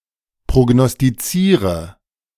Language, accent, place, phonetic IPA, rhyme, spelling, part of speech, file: German, Germany, Berlin, [pʁoɡnɔstiˈt͡siːʁə], -iːʁə, prognostiziere, verb, De-prognostiziere.ogg
- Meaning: inflection of prognostizieren: 1. first-person singular present 2. singular imperative 3. first/third-person singular subjunctive I